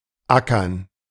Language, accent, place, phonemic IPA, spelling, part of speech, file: German, Germany, Berlin, /ˈʔakɐn/, ackern, verb, De-ackern.ogg
- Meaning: 1. to plow 2. to slog away, to work hard